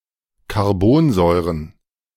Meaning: plural of Carbonsäure
- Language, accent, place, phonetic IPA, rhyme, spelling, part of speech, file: German, Germany, Berlin, [kaʁˈboːnˌzɔɪ̯ʁən], -oːnzɔɪ̯ʁən, Carbonsäuren, noun, De-Carbonsäuren.ogg